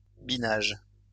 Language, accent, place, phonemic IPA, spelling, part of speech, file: French, France, Lyon, /bi.naʒ/, binage, noun, LL-Q150 (fra)-binage.wav
- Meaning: hoeing